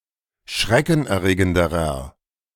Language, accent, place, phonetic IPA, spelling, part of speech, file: German, Germany, Berlin, [ˈʃʁɛkn̩ʔɛɐ̯ˌʁeːɡəndəʁɐ], schreckenerregenderer, adjective, De-schreckenerregenderer.ogg
- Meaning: inflection of schreckenerregend: 1. strong/mixed nominative masculine singular comparative degree 2. strong genitive/dative feminine singular comparative degree